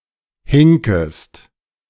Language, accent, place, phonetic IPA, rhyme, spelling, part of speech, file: German, Germany, Berlin, [ˈhɪŋkəst], -ɪŋkəst, hinkest, verb, De-hinkest.ogg
- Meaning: second-person singular subjunctive I of hinken